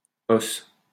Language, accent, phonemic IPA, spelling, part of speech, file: French, France, /os/, -os, suffix, LL-Q150 (fra)--os.wav
- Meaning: Suffix forming slang words